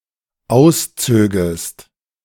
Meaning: second-person singular dependent subjunctive II of ausziehen
- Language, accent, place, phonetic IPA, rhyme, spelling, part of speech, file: German, Germany, Berlin, [ˈaʊ̯sˌt͡søːɡəst], -aʊ̯st͡søːɡəst, auszögest, verb, De-auszögest.ogg